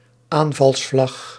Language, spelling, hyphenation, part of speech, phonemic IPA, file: Dutch, aanvalsvlag, aan‧vals‧vlag, noun, /ˈaːn.vɑlsˌflɑx/, Nl-aanvalsvlag.ogg
- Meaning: attack flag (red flag signifying that one is attacking)